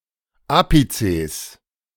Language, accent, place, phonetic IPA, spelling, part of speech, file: German, Germany, Berlin, [ˈaːpit͡seːs], Apizes, noun, De-Apizes.ogg
- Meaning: plural of Apex